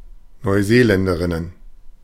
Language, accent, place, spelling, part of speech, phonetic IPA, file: German, Germany, Berlin, Neuseeländerinnen, noun, [nɔɪ̯ˈzeːˌlɛndəʁɪnən], De-Neuseeländerinnen.ogg
- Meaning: plural of Neuseeländerin